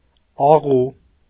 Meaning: 1. agreeable, pleasant, nice; sweet 2. pretending to be nice, knavish
- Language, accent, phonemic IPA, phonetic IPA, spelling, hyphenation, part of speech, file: Armenian, Eastern Armenian, /ɑˈʁu/, [ɑʁú], աղու, ա‧ղու, adjective, Hy-աղու.ogg